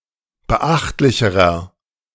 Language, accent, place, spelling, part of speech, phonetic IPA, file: German, Germany, Berlin, beachtlicherer, adjective, [bəˈʔaxtlɪçəʁɐ], De-beachtlicherer.ogg
- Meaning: inflection of beachtlich: 1. strong/mixed nominative masculine singular comparative degree 2. strong genitive/dative feminine singular comparative degree 3. strong genitive plural comparative degree